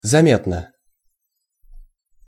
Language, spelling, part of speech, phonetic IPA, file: Russian, заметно, adverb / adjective, [zɐˈmʲetnə], Ru-заметно.ogg
- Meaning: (adverb) 1. noticeably, perceptibly, visibly (capable of being seen or noticed) 2. markedly, conspicuously 3. outstandingly; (adjective) short neuter singular of заме́тный (zamétnyj)